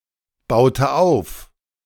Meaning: inflection of aufbauen: 1. first/third-person singular preterite 2. first/third-person singular subjunctive II
- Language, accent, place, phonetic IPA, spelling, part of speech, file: German, Germany, Berlin, [ˌbaʊ̯tə ˈaʊ̯f], baute auf, verb, De-baute auf.ogg